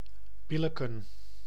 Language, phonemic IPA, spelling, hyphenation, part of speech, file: Dutch, /ˈbɪləkə(n)/, billijken, bil‧lij‧ken, verb, Nl-billijken.ogg
- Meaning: to approve